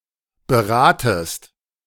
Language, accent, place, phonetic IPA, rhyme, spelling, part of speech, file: German, Germany, Berlin, [bəˈʁaːtəst], -aːtəst, beratest, verb, De-beratest.ogg
- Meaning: second-person singular subjunctive I of beraten